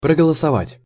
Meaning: to vote (assert a formalised choice)
- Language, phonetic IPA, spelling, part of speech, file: Russian, [prəɡəɫəsɐˈvatʲ], проголосовать, verb, Ru-проголосовать.ogg